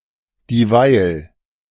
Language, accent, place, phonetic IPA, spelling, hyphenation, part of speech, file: German, Germany, Berlin, [diːˈvaɪ̯l], dieweil, die‧weil, adverb / conjunction, De-dieweil.ogg
- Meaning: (adverb) meanwhile; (conjunction) 1. while 2. since